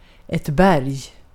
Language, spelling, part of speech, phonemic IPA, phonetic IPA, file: Swedish, berg, noun, /bɛrj/, [bærj], Sv-berg.ogg
- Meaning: 1. a mountain 2. a mountain (very large heap, pile, or amount more generally) 3. rock, bedrock